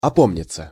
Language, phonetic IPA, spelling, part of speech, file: Russian, [ɐˈpomnʲɪt͡sə], опомниться, verb, Ru-опомниться.ogg
- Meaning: 1. to come to one's senses, to collect oneself 2. to regain consciousness